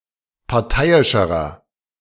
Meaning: inflection of parteiisch: 1. strong/mixed nominative masculine singular comparative degree 2. strong genitive/dative feminine singular comparative degree 3. strong genitive plural comparative degree
- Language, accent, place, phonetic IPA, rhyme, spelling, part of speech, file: German, Germany, Berlin, [paʁˈtaɪ̯ɪʃəʁɐ], -aɪ̯ɪʃəʁɐ, parteiischerer, adjective, De-parteiischerer.ogg